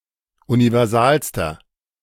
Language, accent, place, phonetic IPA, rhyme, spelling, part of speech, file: German, Germany, Berlin, [univɛʁˈzaːlstɐ], -aːlstɐ, universalster, adjective, De-universalster.ogg
- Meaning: inflection of universal: 1. strong/mixed nominative masculine singular superlative degree 2. strong genitive/dative feminine singular superlative degree 3. strong genitive plural superlative degree